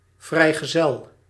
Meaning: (noun) a bachelor, unmarried (adult or adolescent) male; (adjective) unmarried, single
- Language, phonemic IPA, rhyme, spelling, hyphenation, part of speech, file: Dutch, /ˌvrɛi̯.ɣəˈzɛl/, -ɛl, vrijgezel, vrij‧ge‧zel, noun / adjective, Nl-vrijgezel.ogg